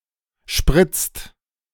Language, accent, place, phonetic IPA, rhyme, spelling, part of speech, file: German, Germany, Berlin, [ʃpʁɪt͡st], -ɪt͡st, spritzt, verb, De-spritzt.ogg
- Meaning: inflection of spritzen: 1. second/third-person singular present 2. second-person plural present 3. plural imperative